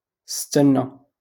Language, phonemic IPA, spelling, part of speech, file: Moroccan Arabic, /stan.na/, استنى, verb, LL-Q56426 (ary)-استنى.wav
- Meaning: to wait